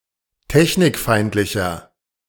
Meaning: inflection of technikfeindlich: 1. strong/mixed nominative masculine singular 2. strong genitive/dative feminine singular 3. strong genitive plural
- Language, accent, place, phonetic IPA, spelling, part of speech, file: German, Germany, Berlin, [ˈtɛçnɪkˌfaɪ̯ntlɪçɐ], technikfeindlicher, adjective, De-technikfeindlicher.ogg